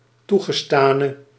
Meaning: inflection of toegestaan: 1. masculine/feminine singular attributive 2. definite neuter singular attributive 3. plural attributive
- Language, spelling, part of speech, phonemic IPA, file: Dutch, toegestane, verb / adjective, /ˈtuɣəˌstanə/, Nl-toegestane.ogg